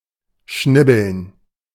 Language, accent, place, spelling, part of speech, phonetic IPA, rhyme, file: German, Germany, Berlin, schnibbeln, verb, [ˈʃnɪbl̩n], -ɪbl̩n, De-schnibbeln.ogg
- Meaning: alternative form of schnippeln